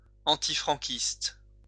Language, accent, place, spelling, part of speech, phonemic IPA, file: French, France, Lyon, antifranquiste, adjective, /ɑ̃.ti.fʁɑ̃.kist/, LL-Q150 (fra)-antifranquiste.wav
- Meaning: anti-Francoist